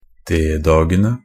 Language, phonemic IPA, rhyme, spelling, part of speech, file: Norwegian Bokmål, /ˈdeːdɑːɡənə/, -ənə, D-dagene, noun, NB - Pronunciation of Norwegian Bokmål «D-dagene».ogg
- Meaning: definite plural of D-dag